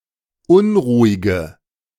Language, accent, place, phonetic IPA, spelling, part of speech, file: German, Germany, Berlin, [ˈʊnʁuːɪɡə], unruhige, adjective, De-unruhige.ogg
- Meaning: inflection of unruhig: 1. strong/mixed nominative/accusative feminine singular 2. strong nominative/accusative plural 3. weak nominative all-gender singular 4. weak accusative feminine/neuter singular